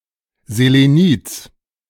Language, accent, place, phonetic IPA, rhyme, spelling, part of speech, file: German, Germany, Berlin, [zeleˈniːt͡s], -iːt͡s, Selenids, noun, De-Selenids.ogg
- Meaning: genitive singular of Selenid